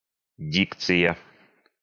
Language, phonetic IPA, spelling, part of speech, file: Russian, [ˈdʲikt͡sɨjə], дикция, noun, Ru-дикция.ogg
- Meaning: diction